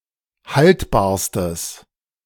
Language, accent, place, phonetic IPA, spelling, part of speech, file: German, Germany, Berlin, [ˈhaltbaːɐ̯stəs], haltbarstes, adjective, De-haltbarstes.ogg
- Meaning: strong/mixed nominative/accusative neuter singular superlative degree of haltbar